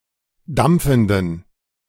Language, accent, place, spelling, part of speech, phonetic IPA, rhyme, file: German, Germany, Berlin, dampfenden, adjective, [ˈdamp͡fn̩dən], -amp͡fn̩dən, De-dampfenden.ogg
- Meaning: inflection of dampfend: 1. strong genitive masculine/neuter singular 2. weak/mixed genitive/dative all-gender singular 3. strong/weak/mixed accusative masculine singular 4. strong dative plural